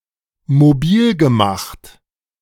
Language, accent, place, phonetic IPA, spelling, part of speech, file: German, Germany, Berlin, [moˈbiːlɡəˌmaxt], mobilgemacht, verb, De-mobilgemacht.ogg
- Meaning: past participle of mobilmachen